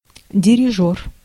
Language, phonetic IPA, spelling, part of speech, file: Russian, [dʲɪrʲɪˈʐor], дирижёр, noun, Ru-дирижёр.ogg
- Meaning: conductor of a musical ensemble, bandmaster